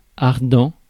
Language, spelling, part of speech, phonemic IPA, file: French, ardent, adjective, /aʁ.dɑ̃/, Fr-ardent.ogg
- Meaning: 1. fiery, burning; ablaze; aflame 2. fervent; passionate